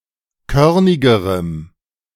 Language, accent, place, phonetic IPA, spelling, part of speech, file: German, Germany, Berlin, [ˈkœʁnɪɡəʁəm], körnigerem, adjective, De-körnigerem.ogg
- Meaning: strong dative masculine/neuter singular comparative degree of körnig